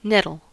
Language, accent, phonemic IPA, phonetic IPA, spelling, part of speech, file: English, US, /ˈnɛtəl/, [ˈnɛɾəɫ], nettle, noun / verb, En-us-nettle.ogg